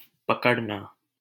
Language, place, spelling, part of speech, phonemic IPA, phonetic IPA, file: Hindi, Delhi, पकड़ना, verb, /pə.kəɽ.nɑː/, [pɐ.kɐɽ.näː], LL-Q1568 (hin)-पकड़ना.wav
- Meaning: 1. to hold 2. to seize 3. to catch 4. to clutch